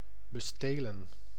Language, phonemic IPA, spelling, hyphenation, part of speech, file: Dutch, /bəˈsteːlə(n)/, bestelen, be‧ste‧len, verb, Nl-bestelen.ogg
- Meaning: to rob